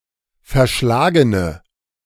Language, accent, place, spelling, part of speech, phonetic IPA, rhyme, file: German, Germany, Berlin, verschlagene, adjective, [fɛɐ̯ˈʃlaːɡənə], -aːɡənə, De-verschlagene.ogg
- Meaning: inflection of verschlagen: 1. strong/mixed nominative/accusative feminine singular 2. strong nominative/accusative plural 3. weak nominative all-gender singular